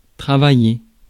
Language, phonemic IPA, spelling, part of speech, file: French, /tʁa.va.je/, travailler, verb, Fr-travailler.ogg
- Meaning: 1. to work 2. to study 3. to struggle